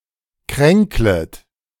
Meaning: second-person plural subjunctive I of kränkeln
- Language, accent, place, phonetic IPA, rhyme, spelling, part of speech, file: German, Germany, Berlin, [ˈkʁɛŋklət], -ɛŋklət, kränklet, verb, De-kränklet.ogg